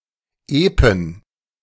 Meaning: plural of Epos
- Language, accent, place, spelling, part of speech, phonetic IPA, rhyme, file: German, Germany, Berlin, Epen, noun, [ˈeːpn̩], -eːpn̩, De-Epen.ogg